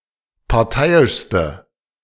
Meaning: inflection of parteiisch: 1. strong/mixed nominative/accusative feminine singular superlative degree 2. strong nominative/accusative plural superlative degree
- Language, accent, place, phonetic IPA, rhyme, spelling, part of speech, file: German, Germany, Berlin, [paʁˈtaɪ̯ɪʃstə], -aɪ̯ɪʃstə, parteiischste, adjective, De-parteiischste.ogg